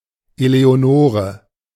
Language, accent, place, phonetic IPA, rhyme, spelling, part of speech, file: German, Germany, Berlin, [ˌeleoˈnoːʁə], -oːʁə, Eleonore, proper noun, De-Eleonore.ogg
- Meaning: a female given name, equivalent to English Eleanor